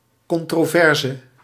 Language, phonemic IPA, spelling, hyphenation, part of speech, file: Dutch, /kɔntroːˈvɛrzə/, controverse, con‧tro‧ver‧se, noun, Nl-controverse.ogg
- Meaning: controversy